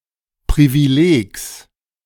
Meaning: genitive singular of Privileg
- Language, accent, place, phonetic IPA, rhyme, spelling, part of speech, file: German, Germany, Berlin, [ˌpʁiviˈleːks], -eːks, Privilegs, noun, De-Privilegs.ogg